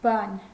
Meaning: 1. thing 2. work, business 3. penis
- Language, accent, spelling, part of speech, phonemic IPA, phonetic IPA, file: Armenian, Eastern Armenian, բան, noun, /bɑn/, [bɑn], Hy-բան.ogg